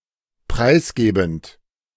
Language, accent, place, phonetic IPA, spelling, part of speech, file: German, Germany, Berlin, [ˈpʁaɪ̯sˌɡeːbn̩t], preisgebend, verb, De-preisgebend.ogg
- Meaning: present participle of preisgeben